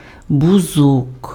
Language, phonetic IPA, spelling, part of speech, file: Ukrainian, [bʊˈzɔk], бузок, noun, Uk-бузок.ogg
- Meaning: lilac (Syringa gen. et spp.)